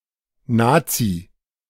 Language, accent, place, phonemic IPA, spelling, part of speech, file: German, Germany, Berlin, /ˈnaːtsi/, Nazi, noun / proper noun, De-Nazi.ogg
- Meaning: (noun) a member or (ideological) supporter of the Nazi Party, Nazism, or neo-Nazism; a National Socialist